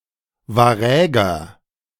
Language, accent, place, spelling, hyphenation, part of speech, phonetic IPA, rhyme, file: German, Germany, Berlin, Waräger, Wa‧rä‧ger, noun, [vaˈʁɛːɡɐ], -ɛːɡɐ, De-Waräger.ogg
- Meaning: Varangian